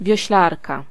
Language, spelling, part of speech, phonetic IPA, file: Polish, wioślarka, noun, [vʲjɔ̇ɕˈlarka], Pl-wioślarka.ogg